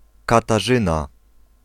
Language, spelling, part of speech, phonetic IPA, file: Polish, Katarzyna, proper noun, [ˌkataˈʒɨ̃na], Pl-Katarzyna.ogg